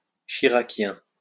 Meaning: Relating to, or supporting Jacques Chirac
- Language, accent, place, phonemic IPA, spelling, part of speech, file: French, France, Lyon, /ʃi.ʁa.kjɛ̃/, chiraquien, adjective, LL-Q150 (fra)-chiraquien.wav